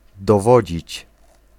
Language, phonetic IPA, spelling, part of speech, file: Polish, [dɔˈvɔd͡ʑit͡ɕ], dowodzić, verb, Pl-dowodzić.ogg